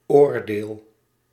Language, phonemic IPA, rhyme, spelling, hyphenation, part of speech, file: Dutch, /ˈoːr.deːl/, -oːrdeːl, oordeel, oor‧deel, noun / verb, Nl-oordeel.ogg
- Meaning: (noun) 1. opinion, judgement (conclusion of an act of deciding) 2. judgment, verdict, decision, sentence (legal conclusion in a court of law)